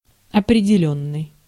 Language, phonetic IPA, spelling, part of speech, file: Russian, [ɐprʲɪdʲɪˈlʲɵnːɨj], определённый, verb / adjective, Ru-определённый.ogg
- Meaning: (verb) past passive perfective participle of определи́ть (opredelítʹ); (adjective) 1. definite, certain, fixed 2. definite